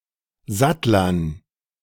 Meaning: dative plural of Sattler
- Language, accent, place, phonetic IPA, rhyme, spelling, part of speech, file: German, Germany, Berlin, [ˈzatlɐn], -atlɐn, Sattlern, noun, De-Sattlern.ogg